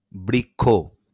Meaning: tree
- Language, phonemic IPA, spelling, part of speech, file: Bengali, /brikkʰo/, বৃক্ষ, noun, LL-Q9610 (ben)-বৃক্ষ.wav